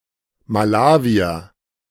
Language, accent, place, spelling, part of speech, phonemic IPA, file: German, Germany, Berlin, Malawier, noun, /maˈlaːviɐ/, De-Malawier.ogg
- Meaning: Malawian (a person from Malawi or of Malawian descent)